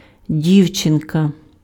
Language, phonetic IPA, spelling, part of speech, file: Ukrainian, [ˈdʲiu̯t͡ʃenkɐ], дівчинка, noun, Uk-дівчинка.ogg
- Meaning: diminutive of ді́вчина (dívčyna): girl, little girl